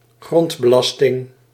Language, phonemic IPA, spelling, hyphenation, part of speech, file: Dutch, /ˈɣrɔnt.bəˌlɑs.tɪŋ/, grondbelasting, grond‧be‧las‧ting, noun, Nl-grondbelasting.ogg
- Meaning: land value tax